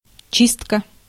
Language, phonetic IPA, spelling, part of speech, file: Russian, [ˈt͡ɕistkə], чистка, noun, Ru-чистка.ogg
- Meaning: 1. cleaning, clean-up 2. peeling, shelling 3. purge, combing-out